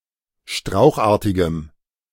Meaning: strong dative masculine/neuter singular of strauchartig
- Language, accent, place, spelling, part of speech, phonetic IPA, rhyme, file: German, Germany, Berlin, strauchartigem, adjective, [ˈʃtʁaʊ̯xˌʔaːɐ̯tɪɡəm], -aʊ̯xʔaːɐ̯tɪɡəm, De-strauchartigem.ogg